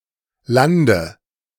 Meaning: 1. dative singular of Land 2. nominative/accusative/genitive plural of Land
- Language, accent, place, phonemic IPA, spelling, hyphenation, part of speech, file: German, Germany, Berlin, /ˈlandə/, Lande, Lan‧de, noun, De-Lande.ogg